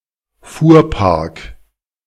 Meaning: carfleet and/or its physical location
- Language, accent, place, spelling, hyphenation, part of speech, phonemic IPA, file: German, Germany, Berlin, Fuhrpark, Fuhr‧park, noun, /ˈfuːɐ̯ˌpaʁk/, De-Fuhrpark.ogg